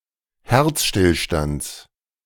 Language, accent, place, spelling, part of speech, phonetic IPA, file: German, Germany, Berlin, Herzstillstands, noun, [ˈhɛʁt͡sʃtɪlˌʃtant͡s], De-Herzstillstands.ogg
- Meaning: genitive singular of Herzstillstand